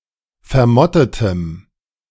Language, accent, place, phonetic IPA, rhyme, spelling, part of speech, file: German, Germany, Berlin, [fɛɐ̯ˈmɔtətəm], -ɔtətəm, vermottetem, adjective, De-vermottetem.ogg
- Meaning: strong dative masculine/neuter singular of vermottet